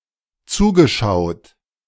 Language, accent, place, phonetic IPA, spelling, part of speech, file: German, Germany, Berlin, [ˈt͡suːɡəˌʃaʊ̯t], zugeschaut, verb, De-zugeschaut.ogg
- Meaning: past participle of zuschauen